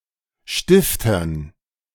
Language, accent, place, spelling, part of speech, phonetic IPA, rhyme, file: German, Germany, Berlin, Stiftern, noun, [ˈʃtɪftɐn], -ɪftɐn, De-Stiftern.ogg
- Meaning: dative plural of Stift